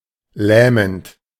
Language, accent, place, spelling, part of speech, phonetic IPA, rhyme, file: German, Germany, Berlin, lähmend, verb, [ˈlɛːmənt], -ɛːmənt, De-lähmend.ogg
- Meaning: present participle of lähmen